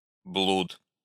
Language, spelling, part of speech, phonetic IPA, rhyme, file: Russian, блуд, noun, [bɫut], -ut, Ru-блуд.ogg
- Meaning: licentiousness, lechery, fornication